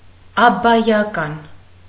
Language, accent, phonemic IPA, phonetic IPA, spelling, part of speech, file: Armenian, Eastern Armenian, /ɑbbɑjɑˈkɑn/, [ɑbːɑjɑkɑ́n], աբբայական, adjective, Hy-աբբայական.ogg
- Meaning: abbatial